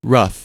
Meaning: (adjective) 1. Not smooth; uneven 2. Approximate; hasty or careless; not finished 3. Turbulent 4. Difficult; trying 5. Crude; unrefined 6. Worn; shabby; weather-beaten
- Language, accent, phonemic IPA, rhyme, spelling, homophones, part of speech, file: English, US, /ɹʌf/, -ʌf, rough, ruff, adjective / noun / verb / adverb, En-us-rough.oga